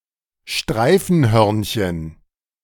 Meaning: chipmunk
- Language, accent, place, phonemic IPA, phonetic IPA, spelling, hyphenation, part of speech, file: German, Germany, Berlin, /ˈʃtʁaɪ̯fənˌhœʁnçən/, [ˈʃtʁaɪ̯fn̩ˌhœɐ̯nçn̩], Streifenhörnchen, Strei‧fen‧hörn‧chen, noun, De-Streifenhörnchen.ogg